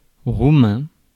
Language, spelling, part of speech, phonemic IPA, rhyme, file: French, roumain, adjective / noun, /ʁu.mɛ̃/, -ɛ̃, Fr-roumain.ogg
- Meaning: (adjective) Romanian; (noun) the Romanian language